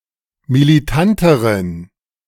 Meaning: inflection of militant: 1. strong genitive masculine/neuter singular comparative degree 2. weak/mixed genitive/dative all-gender singular comparative degree
- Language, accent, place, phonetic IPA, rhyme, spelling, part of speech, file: German, Germany, Berlin, [miliˈtantəʁən], -antəʁən, militanteren, adjective, De-militanteren.ogg